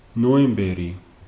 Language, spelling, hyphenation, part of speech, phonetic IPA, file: Georgian, ნოემბერი, ნო‧ემ‧ბე‧რი, proper noun, [no̞e̞mbe̞ɾi], Ka-ნოემბერი.ogg
- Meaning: November